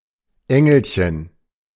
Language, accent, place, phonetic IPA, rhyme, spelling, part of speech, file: German, Germany, Berlin, [ˈɛŋl̩çən], -ɛŋl̩çən, Engelchen, noun, De-Engelchen.ogg
- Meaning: diminutive of Engel